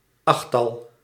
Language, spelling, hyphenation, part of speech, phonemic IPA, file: Dutch, achttal, acht‧tal, noun, /ˈɑx.tɑl/, Nl-achttal.ogg
- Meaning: octet, eightsome (group of eight)